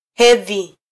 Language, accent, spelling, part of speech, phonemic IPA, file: Swahili, Kenya, hedhi, noun, /ˈhɛ.ði/, Sw-ke-hedhi.flac
- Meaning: menstruation